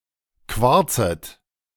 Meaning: second-person plural subjunctive I of quarzen
- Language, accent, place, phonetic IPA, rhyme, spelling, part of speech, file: German, Germany, Berlin, [ˈkvaʁt͡sət], -aʁt͡sət, quarzet, verb, De-quarzet.ogg